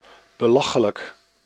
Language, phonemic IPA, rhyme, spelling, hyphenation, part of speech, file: Dutch, /bəˈlɑ.xə.lək/, -ɑxələk, belachelijk, be‧la‧che‧lijk, adjective, Nl-belachelijk.ogg
- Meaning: ridiculous, risible